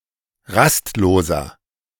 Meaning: inflection of rastlos: 1. strong/mixed nominative masculine singular 2. strong genitive/dative feminine singular 3. strong genitive plural
- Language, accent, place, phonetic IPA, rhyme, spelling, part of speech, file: German, Germany, Berlin, [ˈʁastˌloːzɐ], -astloːzɐ, rastloser, adjective, De-rastloser.ogg